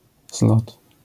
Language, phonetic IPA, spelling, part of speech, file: Polish, [zlɔt], zlot, noun, LL-Q809 (pol)-zlot.wav